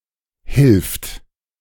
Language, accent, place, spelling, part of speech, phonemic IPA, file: German, Germany, Berlin, hilft, verb, /hɪlft/, De-hilft.ogg
- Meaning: third-person singular present of helfen